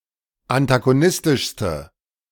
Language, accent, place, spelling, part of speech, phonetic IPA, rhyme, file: German, Germany, Berlin, antagonistischste, adjective, [antaɡoˈnɪstɪʃstə], -ɪstɪʃstə, De-antagonistischste.ogg
- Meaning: inflection of antagonistisch: 1. strong/mixed nominative/accusative feminine singular superlative degree 2. strong nominative/accusative plural superlative degree